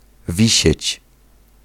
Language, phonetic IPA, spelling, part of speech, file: Polish, [ˈvʲiɕɛ̇t͡ɕ], wisieć, verb, Pl-wisieć.ogg